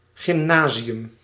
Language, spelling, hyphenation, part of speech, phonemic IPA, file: Dutch, gymnasium, gym‧na‧si‧um, noun, /ɣɪmˈnaziˌjʏm/, Nl-gymnasium.ogg
- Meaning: a type of secondary school (for 12- to 18-year-olds) which prepares students for university or vocational school, and which offers classes in Latin and/or Greek